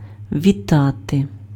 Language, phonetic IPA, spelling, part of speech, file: Ukrainian, [ʋʲiˈtate], вітати, verb, Uk-вітати.ogg
- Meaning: 1. to greet, to hail, to salute 2. to welcome 3. to congratulate